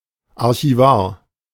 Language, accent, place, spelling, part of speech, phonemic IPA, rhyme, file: German, Germany, Berlin, Archivar, noun, /ˌaʁçiˈvaːɐ̯/, -aːɐ̯, De-Archivar.ogg
- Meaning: archivist